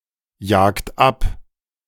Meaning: inflection of abjagen: 1. second-person plural present 2. third-person singular present 3. plural imperative
- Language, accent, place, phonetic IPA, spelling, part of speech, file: German, Germany, Berlin, [ˌjaːkt ˈap], jagt ab, verb, De-jagt ab.ogg